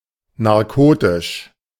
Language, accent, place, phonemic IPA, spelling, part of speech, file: German, Germany, Berlin, /naʁˈkoːtɪʃ/, narkotisch, adjective, De-narkotisch.ogg
- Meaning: narcotic